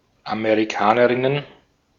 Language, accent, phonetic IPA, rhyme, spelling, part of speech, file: German, Austria, [ameʁiˈkaːnəʁɪnən], -aːnəʁɪnən, Amerikanerinnen, noun, De-at-Amerikanerinnen.ogg
- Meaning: plural of Amerikanerin